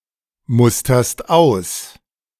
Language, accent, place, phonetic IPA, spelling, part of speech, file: German, Germany, Berlin, [ˌmʊstɐst ˈaʊ̯s], musterst aus, verb, De-musterst aus.ogg
- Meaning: second-person singular present of ausmustern